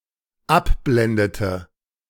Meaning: inflection of abblenden: 1. first/third-person singular dependent preterite 2. first/third-person singular dependent subjunctive II
- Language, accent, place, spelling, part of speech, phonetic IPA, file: German, Germany, Berlin, abblendete, verb, [ˈapˌblɛndətə], De-abblendete.ogg